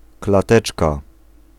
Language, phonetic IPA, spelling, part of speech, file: Polish, [klaˈtɛt͡ʃka], klateczka, noun, Pl-klateczka.ogg